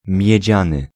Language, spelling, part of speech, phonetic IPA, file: Polish, miedziany, adjective, [mʲjɛ̇ˈd͡ʑãnɨ], Pl-miedziany.ogg